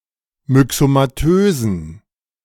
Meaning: inflection of myxomatös: 1. strong genitive masculine/neuter singular 2. weak/mixed genitive/dative all-gender singular 3. strong/weak/mixed accusative masculine singular 4. strong dative plural
- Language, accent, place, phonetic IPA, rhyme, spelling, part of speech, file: German, Germany, Berlin, [mʏksomaˈtøːzn̩], -øːzn̩, myxomatösen, adjective, De-myxomatösen.ogg